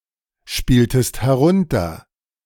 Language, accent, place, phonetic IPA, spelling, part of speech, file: German, Germany, Berlin, [ˌʃpiːltəst hɛˈʁʊntɐ], spieltest herunter, verb, De-spieltest herunter.ogg
- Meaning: inflection of herunterspielen: 1. second-person singular preterite 2. second-person singular subjunctive II